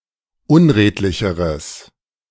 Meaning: strong/mixed nominative/accusative neuter singular comparative degree of unredlich
- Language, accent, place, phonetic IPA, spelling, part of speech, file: German, Germany, Berlin, [ˈʊnˌʁeːtlɪçəʁəs], unredlicheres, adjective, De-unredlicheres.ogg